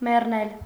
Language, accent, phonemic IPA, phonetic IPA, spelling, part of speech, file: Armenian, Eastern Armenian, /merˈnel/, [mernél], մեռնել, verb, Hy-մեռնել.ogg
- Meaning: to die